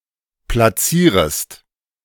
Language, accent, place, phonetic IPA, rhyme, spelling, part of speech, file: German, Germany, Berlin, [plaˈt͡siːʁəst], -iːʁəst, platzierest, verb, De-platzierest.ogg
- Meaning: second-person singular subjunctive I of platzieren